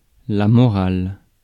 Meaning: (noun) ethics, morality; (adjective) feminine singular of moral
- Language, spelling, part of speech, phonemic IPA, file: French, morale, noun / adjective, /mɔ.ʁal/, Fr-morale.ogg